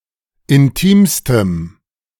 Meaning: strong dative masculine/neuter singular superlative degree of intim
- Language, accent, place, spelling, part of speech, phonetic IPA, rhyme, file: German, Germany, Berlin, intimstem, adjective, [ɪnˈtiːmstəm], -iːmstəm, De-intimstem.ogg